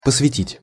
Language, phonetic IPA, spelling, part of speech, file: Russian, [pəsvʲɪˈtʲitʲ], посвятить, verb, Ru-посвятить.ogg
- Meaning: 1. to devote, to dedicate (various senses) 2. to initiate (into), to let (into) 3. to ordain (into), to consecrate (into)